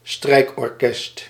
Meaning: a string orchestra
- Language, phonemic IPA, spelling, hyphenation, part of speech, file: Dutch, /ˈstrɛi̯k.ɔrˌkɛst/, strijkorkest, strijk‧or‧kest, noun, Nl-strijkorkest.ogg